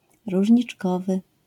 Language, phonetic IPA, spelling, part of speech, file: Polish, [ˌruʒʲɲit͡ʃˈkɔvɨ], różniczkowy, adjective, LL-Q809 (pol)-różniczkowy.wav